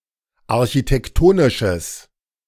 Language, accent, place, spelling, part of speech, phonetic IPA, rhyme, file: German, Germany, Berlin, architektonisches, adjective, [aʁçitɛkˈtoːnɪʃəs], -oːnɪʃəs, De-architektonisches.ogg
- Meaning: strong/mixed nominative/accusative neuter singular of architektonisch